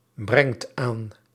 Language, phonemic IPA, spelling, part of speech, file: Dutch, /ˈbrɛŋt ˈan/, brengt aan, verb, Nl-brengt aan.ogg
- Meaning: inflection of aanbrengen: 1. second/third-person singular present indicative 2. plural imperative